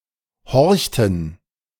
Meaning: inflection of horchen: 1. first/third-person plural preterite 2. first/third-person plural subjunctive II
- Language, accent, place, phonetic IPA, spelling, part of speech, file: German, Germany, Berlin, [ˈhɔʁçtn̩], horchten, verb, De-horchten.ogg